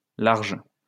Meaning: plural of large
- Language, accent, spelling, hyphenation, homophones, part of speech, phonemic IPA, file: French, France, larges, larges, large, adjective, /laʁʒ/, LL-Q150 (fra)-larges.wav